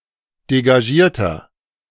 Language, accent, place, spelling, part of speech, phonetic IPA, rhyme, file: German, Germany, Berlin, degagierter, adjective, [deɡaˈʒiːɐ̯tɐ], -iːɐ̯tɐ, De-degagierter.ogg
- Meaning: 1. comparative degree of degagiert 2. inflection of degagiert: strong/mixed nominative masculine singular 3. inflection of degagiert: strong genitive/dative feminine singular